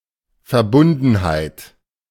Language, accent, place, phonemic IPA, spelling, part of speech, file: German, Germany, Berlin, /fɛɐ̯ˈbʊndn̩haɪ̯t/, Verbundenheit, noun, De-Verbundenheit.ogg
- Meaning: 1. solidarity 2. attachment